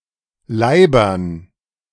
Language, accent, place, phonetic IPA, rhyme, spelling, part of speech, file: German, Germany, Berlin, [ˈlaɪ̯bɐn], -aɪ̯bɐn, Leibern, noun, De-Leibern.ogg
- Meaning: dative plural of Leib